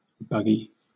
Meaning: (noun) 1. A small horse-drawn cart 2. A small motor vehicle, such as a dune buggy 3. A hearse 4. A pushchair; a stroller 5. A shopping cart or trolley; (adjective) Infested with insects
- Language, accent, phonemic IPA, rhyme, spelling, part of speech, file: English, Southern England, /ˈbʌ.ɡi/, -ʌɡi, buggy, noun / adjective, LL-Q1860 (eng)-buggy.wav